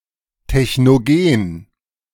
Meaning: technogenic
- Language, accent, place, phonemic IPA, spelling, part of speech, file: German, Germany, Berlin, /tɛçnoˈɡeːn/, technogen, adjective, De-technogen.ogg